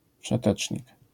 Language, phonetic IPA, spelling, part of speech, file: Polish, [fʃɛˈtɛt͡ʃʲɲik], wszetecznik, noun, LL-Q809 (pol)-wszetecznik.wav